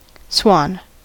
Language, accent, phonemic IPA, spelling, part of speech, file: English, US, /swɑn/, swan, noun / verb, En-us-swan.ogg
- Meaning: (noun) 1. Any of various species of large, long-necked waterfowl, of genus Cygnus (bird family: Anatidae), most of which have white plumage 2. One whose grace etc. suggests a swan